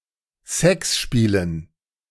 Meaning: dative plural of Sexspiel
- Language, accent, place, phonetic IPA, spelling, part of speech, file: German, Germany, Berlin, [ˈsɛksˌʃpiːlən], Sexspielen, noun, De-Sexspielen.ogg